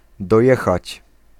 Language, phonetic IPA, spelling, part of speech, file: Polish, [dɔˈjɛxat͡ɕ], dojechać, verb, Pl-dojechać.ogg